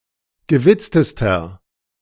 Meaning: inflection of gewitzt: 1. strong/mixed nominative masculine singular superlative degree 2. strong genitive/dative feminine singular superlative degree 3. strong genitive plural superlative degree
- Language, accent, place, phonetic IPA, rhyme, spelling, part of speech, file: German, Germany, Berlin, [ɡəˈvɪt͡stəstɐ], -ɪt͡stəstɐ, gewitztester, adjective, De-gewitztester.ogg